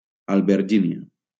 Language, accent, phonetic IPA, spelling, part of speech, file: Catalan, Valencia, [al.beɾˈd͡ʒi.ni.a], albergínia, noun, LL-Q7026 (cat)-albergínia.wav
- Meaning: aubergine, eggplant